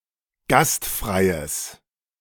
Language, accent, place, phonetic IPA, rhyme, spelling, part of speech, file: German, Germany, Berlin, [ˈɡastˌfʁaɪ̯əs], -astfʁaɪ̯əs, gastfreies, adjective, De-gastfreies.ogg
- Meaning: strong/mixed nominative/accusative neuter singular of gastfrei